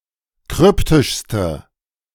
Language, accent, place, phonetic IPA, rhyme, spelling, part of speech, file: German, Germany, Berlin, [ˈkʁʏptɪʃstə], -ʏptɪʃstə, kryptischste, adjective, De-kryptischste.ogg
- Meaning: inflection of kryptisch: 1. strong/mixed nominative/accusative feminine singular superlative degree 2. strong nominative/accusative plural superlative degree